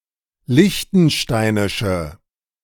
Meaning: inflection of liechtensteinisch: 1. strong/mixed nominative/accusative feminine singular 2. strong nominative/accusative plural 3. weak nominative all-gender singular
- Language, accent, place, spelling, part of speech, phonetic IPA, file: German, Germany, Berlin, liechtensteinische, adjective, [ˈlɪçtn̩ˌʃtaɪ̯nɪʃə], De-liechtensteinische.ogg